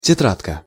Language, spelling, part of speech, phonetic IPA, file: Russian, тетрадка, noun, [tʲɪˈtratkə], Ru-тетрадка.ogg
- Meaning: diminutive of тетра́дь (tetrádʹ)